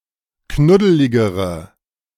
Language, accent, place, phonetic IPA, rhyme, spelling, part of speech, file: German, Germany, Berlin, [ˈknʊdəlɪɡəʁə], -ʊdəlɪɡəʁə, knuddeligere, adjective, De-knuddeligere.ogg
- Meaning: inflection of knuddelig: 1. strong/mixed nominative/accusative feminine singular comparative degree 2. strong nominative/accusative plural comparative degree